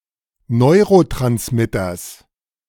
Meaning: genitive singular of Neurotransmitter
- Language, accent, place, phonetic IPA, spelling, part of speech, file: German, Germany, Berlin, [ˈnɔɪ̯ʁotʁansmɪtɐs], Neurotransmitters, noun, De-Neurotransmitters.ogg